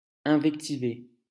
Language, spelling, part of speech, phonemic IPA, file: French, invectiver, verb, /ɛ̃.vɛk.ti.ve/, LL-Q150 (fra)-invectiver.wav
- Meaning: to insult, shout abuse (at)